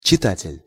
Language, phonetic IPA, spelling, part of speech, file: Russian, [t͡ɕɪˈtatʲɪlʲ], читатель, noun, Ru-читатель.ogg
- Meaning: reader